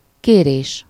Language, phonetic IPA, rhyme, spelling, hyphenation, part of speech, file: Hungarian, [ˈkeːreːʃ], -eːʃ, kérés, ké‧rés, noun, Hu-kérés.ogg
- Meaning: 1. verbal noun of kér: request (the act of requesting) 2. request (the purpose or content of the request)